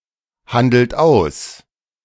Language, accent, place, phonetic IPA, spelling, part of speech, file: German, Germany, Berlin, [ˌhandl̩t ˈaʊ̯s], handelt aus, verb, De-handelt aus.ogg
- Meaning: inflection of aushandeln: 1. third-person singular present 2. second-person plural present 3. plural imperative